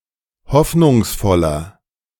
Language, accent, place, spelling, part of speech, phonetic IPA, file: German, Germany, Berlin, hoffnungsvoller, adjective, [ˈhɔfnʊŋsˌfɔlɐ], De-hoffnungsvoller.ogg
- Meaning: 1. comparative degree of hoffnungsvoll 2. inflection of hoffnungsvoll: strong/mixed nominative masculine singular 3. inflection of hoffnungsvoll: strong genitive/dative feminine singular